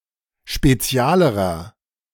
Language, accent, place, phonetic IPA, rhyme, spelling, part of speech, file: German, Germany, Berlin, [ʃpeˈt͡si̯aːləʁɐ], -aːləʁɐ, spezialerer, adjective, De-spezialerer.ogg
- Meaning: inflection of spezial: 1. strong/mixed nominative masculine singular comparative degree 2. strong genitive/dative feminine singular comparative degree 3. strong genitive plural comparative degree